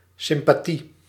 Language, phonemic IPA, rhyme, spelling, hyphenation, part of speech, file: Dutch, /sɪm.paːˈti/, -i, sympathie, sym‧pa‧thie, noun, Nl-sympathie.ogg
- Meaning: sympathy